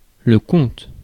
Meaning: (noun) 1. account (bank or user account) 2. count (the action of counting); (verb) inflection of compter: first/third-person singular present indicative/subjunctive
- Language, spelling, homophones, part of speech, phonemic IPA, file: French, compte, comptent / comptes / comte / comtes / conte / content / contes, noun / verb, /kɔ̃t/, Fr-compte.ogg